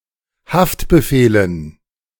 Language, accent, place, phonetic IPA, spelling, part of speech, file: German, Germany, Berlin, [ˈhaftbəˌfeːlən], Haftbefehlen, noun, De-Haftbefehlen.ogg
- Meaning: dative plural of Haftbefehl